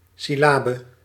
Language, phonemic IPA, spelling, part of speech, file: Dutch, /sɪˈlabə/, syllabe, noun, Nl-syllabe.ogg
- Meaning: syllable